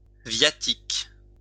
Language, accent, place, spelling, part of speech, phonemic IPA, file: French, France, Lyon, viatique, noun, /vja.tik/, LL-Q150 (fra)-viatique.wav
- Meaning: 1. viaticum (eucharist) 2. money, provisions (for a journey)